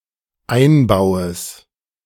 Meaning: genitive singular of Einbau
- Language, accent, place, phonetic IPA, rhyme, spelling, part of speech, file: German, Germany, Berlin, [ˈaɪ̯nˌbaʊ̯əs], -aɪ̯nbaʊ̯əs, Einbaues, noun, De-Einbaues.ogg